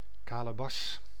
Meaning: calabash, gourd, squash
- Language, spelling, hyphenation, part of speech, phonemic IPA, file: Dutch, kalebas, ka‧le‧bas, noun, /ˈkaː.ləˌbɑs/, Nl-kalebas.ogg